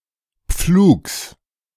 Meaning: genitive singular of Pflug
- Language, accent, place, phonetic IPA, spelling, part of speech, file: German, Germany, Berlin, [pfluːks], Pflugs, noun, De-Pflugs.ogg